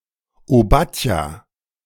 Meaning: 1. Obadiah 2. the book of Obadiah
- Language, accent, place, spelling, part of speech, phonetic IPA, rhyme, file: German, Germany, Berlin, Obadja, proper noun, [oˈbatja], -atja, De-Obadja.ogg